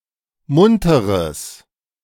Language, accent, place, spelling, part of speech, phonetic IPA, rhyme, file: German, Germany, Berlin, munteres, adjective, [ˈmʊntəʁəs], -ʊntəʁəs, De-munteres.ogg
- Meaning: strong/mixed nominative/accusative neuter singular of munter